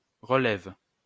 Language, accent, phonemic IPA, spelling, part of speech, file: French, France, /ʁə.lɛv/, relève, noun / verb, LL-Q150 (fra)-relève.wav
- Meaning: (noun) changing, changeover, relief (release from a post or duty, as when replaced by another); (verb) inflection of relever: first/third-person singular present indicative/subjunctive